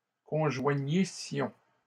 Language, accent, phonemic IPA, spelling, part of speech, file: French, Canada, /kɔ̃.ʒwa.ɲi.sjɔ̃/, conjoignissions, verb, LL-Q150 (fra)-conjoignissions.wav
- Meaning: first-person plural imperfect subjunctive of conjoindre